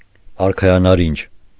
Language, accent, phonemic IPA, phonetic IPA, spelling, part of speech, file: Armenian, Eastern Armenian, /ɑɾkʰɑjɑnɑˈɾind͡ʒ/, [ɑɾkʰɑjɑnɑɾínd͡ʒ], արքայանարինջ, noun, Hy-արքայանարինջ.ogg
- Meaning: blood orange